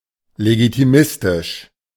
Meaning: legitimistic
- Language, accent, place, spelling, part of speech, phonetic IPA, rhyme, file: German, Germany, Berlin, legitimistisch, adjective, [leɡitiˈmɪstɪʃ], -ɪstɪʃ, De-legitimistisch.ogg